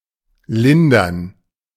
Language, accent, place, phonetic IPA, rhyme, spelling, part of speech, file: German, Germany, Berlin, [ˈlɪndɐn], -ɪndɐn, lindern, verb, De-lindern.ogg
- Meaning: to alleviate, to ease, to relieve